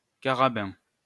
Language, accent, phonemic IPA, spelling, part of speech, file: French, France, /ka.ʁa.bɛ̃/, carabin, noun, LL-Q150 (fra)-carabin.wav
- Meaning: 1. carabineer 2. medical student